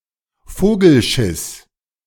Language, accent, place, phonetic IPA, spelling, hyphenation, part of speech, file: German, Germany, Berlin, [ˈfoːɡl̩ˌʃɪs], Vogelschiss, Vo‧gel‧schiss, noun, De-Vogelschiss.ogg
- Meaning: birdshit